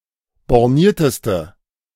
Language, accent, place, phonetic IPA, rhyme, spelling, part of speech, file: German, Germany, Berlin, [bɔʁˈniːɐ̯təstə], -iːɐ̯təstə, bornierteste, adjective, De-bornierteste.ogg
- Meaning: inflection of borniert: 1. strong/mixed nominative/accusative feminine singular superlative degree 2. strong nominative/accusative plural superlative degree